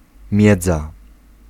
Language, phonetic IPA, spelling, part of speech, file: Polish, [ˈmʲjɛd͡za], miedza, noun, Pl-miedza.ogg